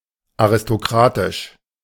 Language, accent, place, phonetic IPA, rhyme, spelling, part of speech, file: German, Germany, Berlin, [aʁɪstoˈkʁaːtɪʃ], -aːtɪʃ, aristokratisch, adjective, De-aristokratisch.ogg
- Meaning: aristocratic